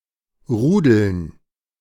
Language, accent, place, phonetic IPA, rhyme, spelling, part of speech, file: German, Germany, Berlin, [ˈʁuːdl̩n], -uːdl̩n, Rudeln, noun, De-Rudeln.ogg
- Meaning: dative plural of Rudel